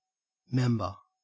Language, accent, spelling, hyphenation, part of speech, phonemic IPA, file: English, Australia, member, mem‧ber, noun, /ˈmem.bə/, En-au-member.ogg
- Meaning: 1. One who belongs to a group 2. A part of a whole 3. Part of an animal capable of performing a distinct office; an organ; a limb 4. The penis 5. One of the propositions making up a syllogism